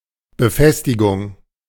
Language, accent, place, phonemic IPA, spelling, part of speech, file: German, Germany, Berlin, /bəˈfɛstɪɡʊŋ/, Befestigung, noun, De-Befestigung.ogg
- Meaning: 1. attachment 2. fastening 3. fortification